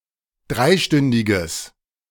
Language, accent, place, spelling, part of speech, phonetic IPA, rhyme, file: German, Germany, Berlin, dreistündiges, adjective, [ˈdʁaɪ̯ˌʃtʏndɪɡəs], -aɪ̯ʃtʏndɪɡəs, De-dreistündiges.ogg
- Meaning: strong/mixed nominative/accusative neuter singular of dreistündig